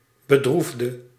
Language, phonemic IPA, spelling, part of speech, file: Dutch, /bəˈdruvdə/, bedroefde, adjective / verb, Nl-bedroefde.ogg
- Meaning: inflection of bedroeven: 1. singular past indicative 2. singular past subjunctive